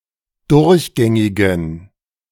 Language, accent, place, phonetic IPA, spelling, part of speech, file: German, Germany, Berlin, [ˈdʊʁçˌɡɛŋɪɡn̩], durchgängigen, adjective, De-durchgängigen.ogg
- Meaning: inflection of durchgängig: 1. strong genitive masculine/neuter singular 2. weak/mixed genitive/dative all-gender singular 3. strong/weak/mixed accusative masculine singular 4. strong dative plural